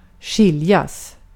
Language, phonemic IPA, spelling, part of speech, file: Swedish, /²ɧɪljas/, skiljas, verb, Sv-skiljas.ogg
- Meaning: 1. to separate, to part ways 2. to separate, to part ways: to divorce 3. passive infinitive of skilja